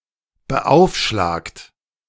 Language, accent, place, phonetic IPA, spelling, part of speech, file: German, Germany, Berlin, [bəˈʔaʊ̯fˌʃlaːkt], beaufschlagt, verb, De-beaufschlagt.ogg
- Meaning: past participle of beaufschlagen - admitted; impinged